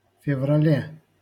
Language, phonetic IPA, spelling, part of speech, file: Russian, [fʲɪvrɐˈlʲe], феврале, noun, LL-Q7737 (rus)-феврале.wav
- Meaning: prepositional singular of февра́ль (fevrálʹ)